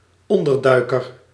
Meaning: person in hiding
- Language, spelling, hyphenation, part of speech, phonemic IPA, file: Dutch, onderduiker, on‧der‧dui‧ker, noun, /ˈɔndərˌdœy̯kər/, Nl-onderduiker.ogg